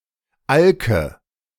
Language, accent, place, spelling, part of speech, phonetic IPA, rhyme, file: German, Germany, Berlin, Alke, noun, [ˈalkə], -alkə, De-Alke.ogg
- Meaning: nominative/accusative/genitive plural of Alk